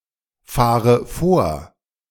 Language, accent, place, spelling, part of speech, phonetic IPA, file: German, Germany, Berlin, fahre vor, verb, [ˌfaːʁə ˈfoːɐ̯], De-fahre vor.ogg
- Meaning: inflection of vorfahren: 1. first-person singular present 2. first/third-person singular subjunctive I 3. singular imperative